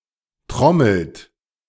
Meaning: inflection of trommeln: 1. third-person singular present 2. second-person plural present 3. plural imperative
- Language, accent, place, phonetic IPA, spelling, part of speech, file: German, Germany, Berlin, [ˈtʁɔml̩t], trommelt, verb, De-trommelt.ogg